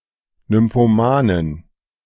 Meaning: nymphomaniac
- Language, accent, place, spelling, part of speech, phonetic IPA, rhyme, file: German, Germany, Berlin, Nymphomanin, noun, [ˌnʏmfoˈmaːnɪn], -aːnɪn, De-Nymphomanin.ogg